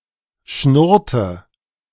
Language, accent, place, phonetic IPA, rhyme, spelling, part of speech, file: German, Germany, Berlin, [ˈʃnʊʁtə], -ʊʁtə, schnurrte, verb, De-schnurrte.ogg
- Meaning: inflection of schnurren: 1. first/third-person singular preterite 2. first/third-person singular subjunctive II